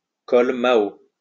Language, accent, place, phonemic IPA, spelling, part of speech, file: French, France, Lyon, /kɔl ma.o/, col Mao, noun, LL-Q150 (fra)-col Mao.wav
- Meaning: mandarin collar